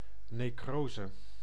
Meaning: necrosis, localized death of cells or living tissue
- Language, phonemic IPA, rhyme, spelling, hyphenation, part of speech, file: Dutch, /ˌneːˈkroː.zə/, -oːzə, necrose, ne‧cro‧se, noun, Nl-necrose.ogg